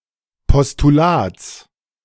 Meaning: genitive singular of Postulat
- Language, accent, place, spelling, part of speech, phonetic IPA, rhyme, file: German, Germany, Berlin, Postulats, noun, [pɔstuˈlaːt͡s], -aːt͡s, De-Postulats.ogg